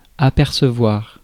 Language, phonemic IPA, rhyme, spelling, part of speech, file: French, /a.pɛʁ.sə.vwaʁ/, -waʁ, apercevoir, verb, Fr-apercevoir.ogg
- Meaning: 1. to see, to glimpse, to catch sight of 2. to realize, to become aware (of), to notice